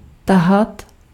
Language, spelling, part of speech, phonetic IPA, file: Czech, tahat, verb, [ˈtaɦat], Cs-tahat.ogg
- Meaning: 1. to draw, to pull 2. to jostle for